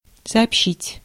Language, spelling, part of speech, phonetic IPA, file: Russian, сообщить, verb, [sɐɐpˈɕːitʲ], Ru-сообщить.ogg
- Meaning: 1. to communicate, to report, to let know 2. to impart